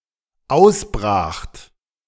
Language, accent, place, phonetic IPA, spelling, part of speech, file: German, Germany, Berlin, [ˈaʊ̯sˌbʁaːxt], ausbracht, verb, De-ausbracht.ogg
- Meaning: second-person plural dependent preterite of ausbrechen